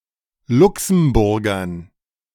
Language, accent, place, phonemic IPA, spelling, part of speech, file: German, Germany, Berlin, /ˈlʊksm̩ˌbʊʁɡɐn/, Luxemburgern, noun, De-Luxemburgern.ogg
- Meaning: dative plural of Luxemburger